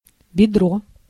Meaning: 1. thigh, hip 2. leg, round, loin
- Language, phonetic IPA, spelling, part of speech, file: Russian, [bʲɪˈdro], бедро, noun, Ru-бедро.ogg